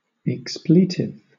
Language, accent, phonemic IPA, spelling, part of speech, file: English, Southern England, /ɪkˈspliːtɪv/, expletive, adjective / noun, LL-Q1860 (eng)-expletive.wav
- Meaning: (adjective) 1. Serving to fill up, merely for effect, otherwise redundant 2. Marked by expletives (phrase-fillers); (noun) A profane, vulgar term, notably a curse or obscene oath